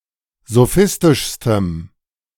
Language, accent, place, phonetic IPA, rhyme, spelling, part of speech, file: German, Germany, Berlin, [zoˈfɪstɪʃstəm], -ɪstɪʃstəm, sophistischstem, adjective, De-sophistischstem.ogg
- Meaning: strong dative masculine/neuter singular superlative degree of sophistisch